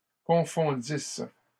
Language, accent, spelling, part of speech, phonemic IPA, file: French, Canada, confondisse, verb, /kɔ̃.fɔ̃.dis/, LL-Q150 (fra)-confondisse.wav
- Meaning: first-person singular imperfect subjunctive of confondre